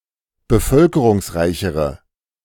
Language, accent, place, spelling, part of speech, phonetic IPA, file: German, Germany, Berlin, bevölkerungsreichere, adjective, [bəˈfœlkəʁʊŋsˌʁaɪ̯çəʁə], De-bevölkerungsreichere.ogg
- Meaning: inflection of bevölkerungsreich: 1. strong/mixed nominative/accusative feminine singular comparative degree 2. strong nominative/accusative plural comparative degree